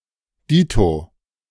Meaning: ditto
- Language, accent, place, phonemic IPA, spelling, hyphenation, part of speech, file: German, Germany, Berlin, /ˈdiːto/, dito, di‧to, adverb, De-dito.ogg